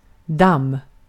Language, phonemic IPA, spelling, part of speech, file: Swedish, /dam/, damm, noun, Sv-damm.ogg
- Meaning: 1. dust 2. dam; pond, pool